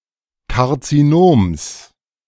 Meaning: genitive singular of Karzinom
- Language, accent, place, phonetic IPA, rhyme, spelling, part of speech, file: German, Germany, Berlin, [kaʁt͡siˈnoːms], -oːms, Karzinoms, noun, De-Karzinoms.ogg